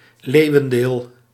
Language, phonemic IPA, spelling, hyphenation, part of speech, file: Dutch, /ˈleːu̯.ə(n)ˌdeːl/, leeuwendeel, leeu‧wen‧deel, noun, Nl-leeuwendeel.ogg
- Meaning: lion's share